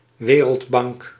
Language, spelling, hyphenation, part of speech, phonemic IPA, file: Dutch, Wereldbank, We‧reld‧bank, proper noun, /ˈʋeː.rəltˌbɑŋk/, Nl-Wereldbank.ogg
- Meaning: World Bank